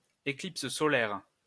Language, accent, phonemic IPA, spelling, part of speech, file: French, France, /e.klip.s(ə) sɔ.lɛʁ/, éclipse solaire, noun, LL-Q150 (fra)-éclipse solaire.wav
- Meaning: solar eclipse